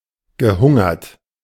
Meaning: past participle of hungern
- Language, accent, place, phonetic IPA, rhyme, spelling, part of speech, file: German, Germany, Berlin, [ɡəˈhʊŋɐt], -ʊŋɐt, gehungert, verb, De-gehungert.ogg